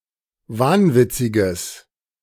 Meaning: strong/mixed nominative/accusative neuter singular of wahnwitzig
- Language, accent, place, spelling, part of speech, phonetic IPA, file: German, Germany, Berlin, wahnwitziges, adjective, [ˈvaːnˌvɪt͡sɪɡəs], De-wahnwitziges.ogg